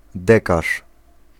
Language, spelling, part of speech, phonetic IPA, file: Polish, dekarz, noun, [ˈdɛkaʃ], Pl-dekarz.ogg